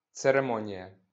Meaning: ceremony (ritual with religious significance)
- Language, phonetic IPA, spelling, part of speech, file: Ukrainian, [t͡sereˈmɔnʲijɐ], церемонія, noun, LL-Q8798 (ukr)-церемонія.wav